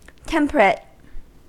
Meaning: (adjective) 1. Moderate; not excessive 2. Moderate; not excessive.: Specifically, moderate in temperature 3. Moderate; not excessive.: Moderate in the indulgence of the natural appetites or passions
- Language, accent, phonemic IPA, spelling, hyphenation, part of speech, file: English, US, /ˈtɛmpəɹət/, temperate, tem‧pe‧rate, adjective / verb, En-us-temperate.ogg